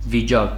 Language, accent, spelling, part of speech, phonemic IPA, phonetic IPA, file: Armenian, Western Armenian, վիճակ, noun, /viˈd͡ʒɑɡ/, [vid͡ʒɑ́ɡ], HyW-վիճակ.ogg
- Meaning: 1. state, condition 2. lot 3. district, precinct, jurisdiction; diocese